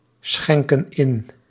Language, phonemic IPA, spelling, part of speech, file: Dutch, /ˈsxɛŋkə(n) ˈɪn/, schenken in, verb, Nl-schenken in.ogg
- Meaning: inflection of inschenken: 1. plural present indicative 2. plural present subjunctive